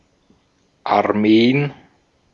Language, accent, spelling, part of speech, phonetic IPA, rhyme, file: German, Austria, Armeen, noun, [aʁˈmeːən], -eːən, De-at-Armeen.ogg
- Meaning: plural of Armee